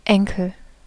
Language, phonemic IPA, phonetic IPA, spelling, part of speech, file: German, /ˈɛŋkəl/, [ˈʔɛŋkl̩], Enkel, noun, De-Enkel.ogg
- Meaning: 1. ankle 2. grandchild 3. grandson